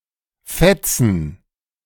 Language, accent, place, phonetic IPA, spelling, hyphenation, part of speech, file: German, Germany, Berlin, [ˈfɛtsn̩], fetzen, fet‧zen, verb, De-fetzen.ogg
- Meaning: 1. to speed, to rush 2. to fight, to wrangle, to squabble 3. to rip, rule, be awesome